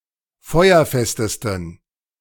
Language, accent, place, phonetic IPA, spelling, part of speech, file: German, Germany, Berlin, [ˈfɔɪ̯ɐˌfɛstəstn̩], feuerfestesten, adjective, De-feuerfestesten.ogg
- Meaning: 1. superlative degree of feuerfest 2. inflection of feuerfest: strong genitive masculine/neuter singular superlative degree